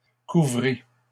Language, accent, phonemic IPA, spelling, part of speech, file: French, Canada, /ku.vʁi/, couvrît, verb, LL-Q150 (fra)-couvrît.wav
- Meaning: third-person singular imperfect subjunctive of couvrir